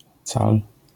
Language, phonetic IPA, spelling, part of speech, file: Polish, [t͡sal], cal, noun, LL-Q809 (pol)-cal.wav